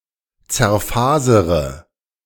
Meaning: inflection of zerfasern: 1. first-person singular present 2. first-person plural subjunctive I 3. third-person singular subjunctive I 4. singular imperative
- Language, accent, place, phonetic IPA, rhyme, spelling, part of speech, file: German, Germany, Berlin, [t͡sɛɐ̯ˈfaːzəʁə], -aːzəʁə, zerfasere, verb, De-zerfasere.ogg